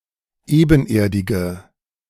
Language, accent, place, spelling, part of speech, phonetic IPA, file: German, Germany, Berlin, ebenerdige, adjective, [ˈeːbn̩ˌʔeːɐ̯dɪɡə], De-ebenerdige.ogg
- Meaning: inflection of ebenerdig: 1. strong/mixed nominative/accusative feminine singular 2. strong nominative/accusative plural 3. weak nominative all-gender singular